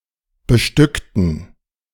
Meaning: inflection of bestücken: 1. first/third-person plural preterite 2. first/third-person plural subjunctive II
- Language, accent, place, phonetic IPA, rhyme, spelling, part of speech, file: German, Germany, Berlin, [bəˈʃtʏktn̩], -ʏktn̩, bestückten, adjective / verb, De-bestückten.ogg